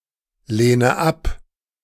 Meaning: inflection of ablehnen: 1. first-person singular present 2. first/third-person singular subjunctive I 3. singular imperative
- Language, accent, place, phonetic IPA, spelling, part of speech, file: German, Germany, Berlin, [ˌleːnə ˈap], lehne ab, verb, De-lehne ab.ogg